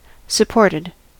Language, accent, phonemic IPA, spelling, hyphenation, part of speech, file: English, US, /səˈpɔɹtɪd/, supported, sup‧port‧ed, adjective / verb, En-us-supported.ogg
- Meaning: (adjective) 1. Held in position, especially from below 2. Furnished with corroborating evidence 3. Helped or aided 4. Having supporters; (verb) simple past and past participle of support